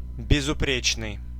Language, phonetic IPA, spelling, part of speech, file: Russian, [bʲɪzʊˈprʲet͡ɕnɨj], безупречный, adjective, Ru-безупречный.ogg
- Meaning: 1. blameless, faultless 2. unstained, stainless, spotless